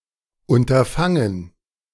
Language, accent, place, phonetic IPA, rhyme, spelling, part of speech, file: German, Germany, Berlin, [ʊntɐˈfaŋən], -aŋən, Unterfangen, noun, De-Unterfangen.ogg
- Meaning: undertaking, endeavour